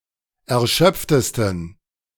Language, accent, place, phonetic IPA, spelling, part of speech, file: German, Germany, Berlin, [ɛɐ̯ˈʃœp͡ftəstn̩], erschöpftesten, adjective, De-erschöpftesten.ogg
- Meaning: 1. superlative degree of erschöpft 2. inflection of erschöpft: strong genitive masculine/neuter singular superlative degree